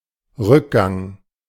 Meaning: decline, diminution
- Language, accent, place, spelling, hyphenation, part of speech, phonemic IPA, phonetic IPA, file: German, Germany, Berlin, Rückgang, Rück‧gang, noun, /ˈʁʏkˌɡaŋ/, [ˈʁʏkaŋ], De-Rückgang.ogg